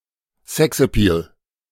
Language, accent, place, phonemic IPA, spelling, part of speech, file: German, Germany, Berlin, /ˈsɛks.ɛˌpiːl/, Sexappeal, noun, De-Sexappeal.ogg
- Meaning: sex appeal